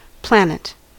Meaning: Each of the seven major bodies which move relative to the fixed stars in the night sky—the Moon, Mercury, Venus, the Sun, Mars, Jupiter and Saturn
- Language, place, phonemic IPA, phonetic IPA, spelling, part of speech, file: English, California, /ˈplænət/, [ˈpʰlɛən.ɪt], planet, noun, En-us-planet.ogg